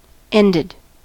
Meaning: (verb) simple past and past participle of end; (adjective) Having (a specified kind or number of) ends
- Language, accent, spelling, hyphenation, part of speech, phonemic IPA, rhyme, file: English, US, ended, end‧ed, verb / adjective, /ˈɛndɪd/, -ɛndɪd, En-us-ended.ogg